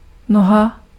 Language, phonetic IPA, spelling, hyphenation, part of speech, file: Czech, [ˈnoɦa], noha, no‧ha, noun, Cs-noha.ogg
- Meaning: 1. leg (of a person, animal, humanoid robot, puppet, etc.) 2. foot (of a person, animal, humanoid robot, puppet, etc.) 3. something resembling a leg or foot: leg (of a table)